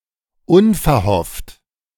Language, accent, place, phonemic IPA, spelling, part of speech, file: German, Germany, Berlin, /ˈʊnfɛɐ̯ˌhɔft/, unverhofft, adjective, De-unverhofft.ogg
- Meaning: unexpected